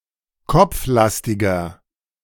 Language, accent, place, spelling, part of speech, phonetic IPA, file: German, Germany, Berlin, kopflastiger, adjective, [ˈkɔp͡fˌlastɪɡɐ], De-kopflastiger.ogg
- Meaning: 1. comparative degree of kopflastig 2. inflection of kopflastig: strong/mixed nominative masculine singular 3. inflection of kopflastig: strong genitive/dative feminine singular